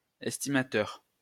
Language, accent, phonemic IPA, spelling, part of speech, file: French, France, /ɛs.ti.ma.tœʁ/, estimateur, noun, LL-Q150 (fra)-estimateur.wav
- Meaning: estimator, assessor